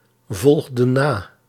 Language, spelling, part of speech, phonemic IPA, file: Dutch, volgden na, verb, /ˈvɔlɣdə(n) ˈna/, Nl-volgden na.ogg
- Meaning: inflection of navolgen: 1. plural past indicative 2. plural past subjunctive